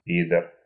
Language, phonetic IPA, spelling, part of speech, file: Russian, [ˈpʲidər], пидор, noun, Ru-пидор.ogg
- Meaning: 1. fucking asshole, motherfucker (a mean, dishonest or rude person) 2. fag, faggot (a male homosexual)